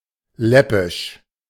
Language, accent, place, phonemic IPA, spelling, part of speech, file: German, Germany, Berlin, /ˈlɛpɪʃ/, läppisch, adjective, De-läppisch.ogg
- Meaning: 1. silly, childish, footling 2. lousy